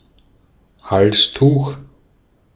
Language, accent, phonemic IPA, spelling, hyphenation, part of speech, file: German, Austria, /ˈhalsˌtuːx/, Halstuch, Hals‧tuch, noun, De-at-Halstuch.ogg
- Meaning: neckerchief